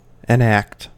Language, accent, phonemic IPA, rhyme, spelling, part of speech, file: English, US, /ɪˈnækt/, -ækt, enact, verb, En-us-enact.ogg
- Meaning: 1. To make (a bill) into law 2. To act the part of; to play 3. To do; to effect